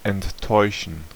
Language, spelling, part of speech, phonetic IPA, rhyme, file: German, enttäuschen, verb, [ɛntˈtɔɪ̯ʃn̩], -ɔɪ̯ʃn̩, De-enttäuschen.ogg